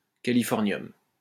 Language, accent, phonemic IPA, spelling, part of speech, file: French, France, /ka.li.fɔʁ.njɔm/, californium, noun, LL-Q150 (fra)-californium.wav
- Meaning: californium